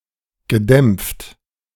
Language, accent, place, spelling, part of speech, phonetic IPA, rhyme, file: German, Germany, Berlin, gedämpft, adjective, [ɡəˈdɛmp͡ft], -ɛmp͡ft, De-gedämpft.ogg
- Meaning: past participle of dämpfen